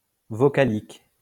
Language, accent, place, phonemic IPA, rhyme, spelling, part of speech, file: French, France, Lyon, /vɔ.ka.lik/, -alik, vocalique, adjective, LL-Q150 (fra)-vocalique.wav
- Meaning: vowel; vocalic